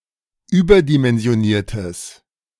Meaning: strong/mixed nominative/accusative neuter singular of überdimensioniert
- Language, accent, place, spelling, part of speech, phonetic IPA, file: German, Germany, Berlin, überdimensioniertes, adjective, [ˈyːbɐdimɛnzi̯oˌniːɐ̯təs], De-überdimensioniertes.ogg